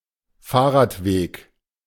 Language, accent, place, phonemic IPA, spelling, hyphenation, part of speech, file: German, Germany, Berlin, /ˈfaːɐ̯ʁaːtˌveːk/, Fahrradweg, Fahr‧rad‧weg, noun, De-Fahrradweg.ogg
- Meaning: cycle track